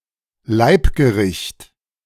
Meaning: favourite dish
- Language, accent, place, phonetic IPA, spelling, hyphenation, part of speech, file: German, Germany, Berlin, [ˈlaɪ̯pɡəˌʁɪçt], Leibgericht, Leib‧ge‧richt, noun, De-Leibgericht.ogg